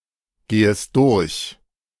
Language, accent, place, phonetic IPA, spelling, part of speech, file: German, Germany, Berlin, [ˌɡeːəst ˈdʊʁç], gehest durch, verb, De-gehest durch.ogg
- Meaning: second-person singular subjunctive I of durchgehen